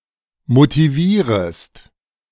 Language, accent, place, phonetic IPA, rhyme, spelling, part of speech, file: German, Germany, Berlin, [motiˈviːʁəst], -iːʁəst, motivierest, verb, De-motivierest.ogg
- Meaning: second-person singular subjunctive I of motivieren